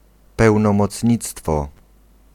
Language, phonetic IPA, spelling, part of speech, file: Polish, [ˌpɛwnɔ̃mɔt͡sʲˈɲit͡stfɔ], pełnomocnictwo, noun, Pl-pełnomocnictwo.ogg